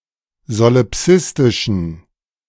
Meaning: inflection of solipsistisch: 1. strong genitive masculine/neuter singular 2. weak/mixed genitive/dative all-gender singular 3. strong/weak/mixed accusative masculine singular 4. strong dative plural
- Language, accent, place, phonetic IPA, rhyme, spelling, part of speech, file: German, Germany, Berlin, [zolɪˈpsɪstɪʃn̩], -ɪstɪʃn̩, solipsistischen, adjective, De-solipsistischen.ogg